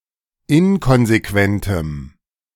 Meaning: strong dative masculine/neuter singular of inkonsequent
- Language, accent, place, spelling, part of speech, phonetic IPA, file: German, Germany, Berlin, inkonsequentem, adjective, [ˈɪnkɔnzeˌkvɛntəm], De-inkonsequentem.ogg